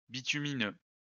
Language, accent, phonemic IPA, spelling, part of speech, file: French, France, /bi.ty.mi.nø/, bitumineux, adjective, LL-Q150 (fra)-bitumineux.wav
- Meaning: bituminous